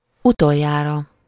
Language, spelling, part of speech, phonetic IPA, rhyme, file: Hungarian, utoljára, adverb, [ˈutojːaːrɒ], -rɒ, Hu-utoljára.ogg
- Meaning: last time